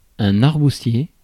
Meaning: strawberry tree (Arbutus unedo)
- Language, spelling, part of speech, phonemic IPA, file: French, arbousier, noun, /aʁ.bu.zje/, Fr-arbousier.ogg